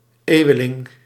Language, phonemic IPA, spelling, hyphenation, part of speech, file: Dutch, /ˈeːu̯əˌlɪŋ/, eeuweling, eeu‧we‧ling, noun, Nl-eeuweling.ogg
- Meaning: centenarian (someone who is at least 100 years old)